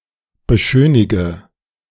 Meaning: inflection of beschönigen: 1. first-person singular present 2. first/third-person singular subjunctive I 3. singular imperative
- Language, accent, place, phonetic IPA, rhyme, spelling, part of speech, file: German, Germany, Berlin, [bəˈʃøːnɪɡə], -øːnɪɡə, beschönige, verb, De-beschönige.ogg